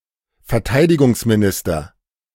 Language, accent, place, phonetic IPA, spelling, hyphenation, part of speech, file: German, Germany, Berlin, [fɛɐ̯ˈtaɪ̯dɪɡʊŋsmiˌnɪstɐ], Verteidigungsminister, Ver‧tei‧di‧gungs‧mi‧nis‧ter, noun, De-Verteidigungsminister.ogg
- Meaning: minister of defence